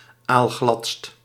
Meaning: superlative degree of aalglad
- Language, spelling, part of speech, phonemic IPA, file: Dutch, aalgladst, adjective, /alˈɣlɑtst/, Nl-aalgladst.ogg